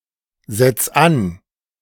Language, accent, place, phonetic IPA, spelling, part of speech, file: German, Germany, Berlin, [ˌzɛt͡s ˈan], setz an, verb, De-setz an.ogg
- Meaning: 1. singular imperative of ansetzen 2. first-person singular present of ansetzen